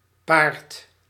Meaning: inflection of paren: 1. second/third-person singular present indicative 2. plural imperative
- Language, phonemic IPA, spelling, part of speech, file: Dutch, /part/, paart, verb, Nl-paart.ogg